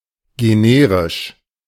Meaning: generic (all senses)
- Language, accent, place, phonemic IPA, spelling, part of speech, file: German, Germany, Berlin, /ɡeˈneːʁɪʃ/, generisch, adjective, De-generisch.ogg